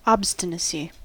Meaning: 1. The state, or an act, of stubbornness or doggedness 2. A group or herd of bison or buffalo
- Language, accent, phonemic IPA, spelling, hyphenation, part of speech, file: English, US, /ˈɑbstɪnəsi/, obstinacy, ob‧stin‧a‧cy, noun, En-us-obstinacy.ogg